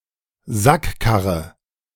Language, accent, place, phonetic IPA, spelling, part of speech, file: German, Germany, Berlin, [ˈzakˌkaʁə], Sackkarre, noun, De-Sackkarre.ogg
- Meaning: hand truck